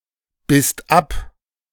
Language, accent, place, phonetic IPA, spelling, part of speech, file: German, Germany, Berlin, [ˌbɪst ˈap], bisst ab, verb, De-bisst ab.ogg
- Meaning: second-person singular/plural preterite of abbeißen